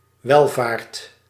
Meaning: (noun) welfare, prosperity; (verb) second/third-person singular dependent-clause present indicative of welvaren
- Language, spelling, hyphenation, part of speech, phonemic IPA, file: Dutch, welvaart, wel‧vaart, noun / verb, /ˈʋɛlˌvaːrt/, Nl-welvaart.ogg